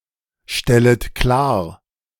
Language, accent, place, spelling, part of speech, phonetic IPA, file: German, Germany, Berlin, stellet klar, verb, [ˌʃtɛlət ˈklaːɐ̯], De-stellet klar.ogg
- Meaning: second-person plural subjunctive I of klarstellen